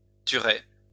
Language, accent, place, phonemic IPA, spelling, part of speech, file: French, France, Lyon, /ty.ʁe/, tuerai, verb, LL-Q150 (fra)-tuerai.wav
- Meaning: first-person singular future of tuer